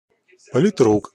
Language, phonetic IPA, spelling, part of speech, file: Russian, [pəlʲɪˈtruk], политрук, noun, Ru-политрук.ogg
- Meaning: political commissar; politruk